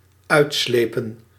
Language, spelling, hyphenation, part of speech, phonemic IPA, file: Dutch, uitslepen, uit‧sle‧pen, verb, /ˈœy̯tˌsleː.pə(n)/, Nl-uitslepen.ogg
- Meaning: inflection of uitslijpen: 1. plural dependent-clause past indicative 2. plural dependent-clause past subjunctive